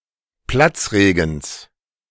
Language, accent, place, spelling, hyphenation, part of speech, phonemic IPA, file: German, Germany, Berlin, Platzregens, Platz‧re‧gens, noun, /ˈplat͡sˌʁeːɡn̩s/, De-Platzregens.ogg
- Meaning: genitive singular of Platzregen